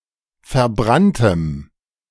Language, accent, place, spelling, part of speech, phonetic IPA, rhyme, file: German, Germany, Berlin, verbranntem, adjective, [fɛɐ̯ˈbʁantəm], -antəm, De-verbranntem.ogg
- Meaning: strong dative masculine/neuter singular of verbrannt